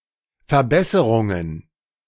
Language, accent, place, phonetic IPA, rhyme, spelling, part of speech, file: German, Germany, Berlin, [fɛɐ̯ˈbɛsəʁʊŋən], -ɛsəʁʊŋən, Verbesserungen, noun, De-Verbesserungen.ogg
- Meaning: plural of Verbesserung